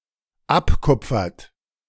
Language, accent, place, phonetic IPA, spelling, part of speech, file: German, Germany, Berlin, [ˈapˌkʊp͡fɐt], abkupfert, verb, De-abkupfert.ogg
- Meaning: inflection of abkupfern: 1. third-person singular dependent present 2. second-person plural dependent present